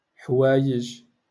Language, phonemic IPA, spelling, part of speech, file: Moroccan Arabic, /ħwaː.jiʒ/, حوايج, noun, LL-Q56426 (ary)-حوايج.wav
- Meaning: clothes